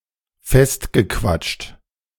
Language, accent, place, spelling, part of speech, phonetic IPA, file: German, Germany, Berlin, festgequatscht, verb, [ˈfɛstɡəˌkvat͡ʃt], De-festgequatscht.ogg
- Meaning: past participle of festquatschen